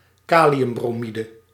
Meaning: potassium bromide
- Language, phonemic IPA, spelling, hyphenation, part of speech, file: Dutch, /ˈkaː.li.ʏm.broːˌmi.də/, kaliumbromide, ka‧li‧um‧bro‧mi‧de, noun, Nl-kaliumbromide.ogg